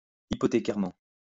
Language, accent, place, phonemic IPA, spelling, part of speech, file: French, France, Lyon, /i.pɔ.te.kɛʁ.mɑ̃/, hypothécairement, adverb, LL-Q150 (fra)-hypothécairement.wav
- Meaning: hypothecarily